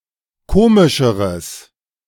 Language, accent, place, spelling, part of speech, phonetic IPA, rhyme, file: German, Germany, Berlin, komischeres, adjective, [ˈkoːmɪʃəʁəs], -oːmɪʃəʁəs, De-komischeres.ogg
- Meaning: strong/mixed nominative/accusative neuter singular comparative degree of komisch